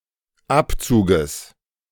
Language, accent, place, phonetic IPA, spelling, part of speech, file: German, Germany, Berlin, [ˈapˌt͡suːɡəs], Abzuges, noun, De-Abzuges.ogg
- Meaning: genitive singular of Abzug